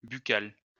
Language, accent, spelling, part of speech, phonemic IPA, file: French, France, buccal, adjective, /by.kal/, LL-Q150 (fra)-buccal.wav
- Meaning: buccal (of, relating to, or lying in the mouth)